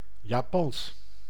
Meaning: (adjective) 1. Japanese 2. Japonic; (proper noun) Japanese language
- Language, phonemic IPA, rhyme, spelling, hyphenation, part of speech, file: Dutch, /jaːˈpɑns/, -ɑns, Japans, Ja‧pans, adjective / proper noun, Nl-Japans.ogg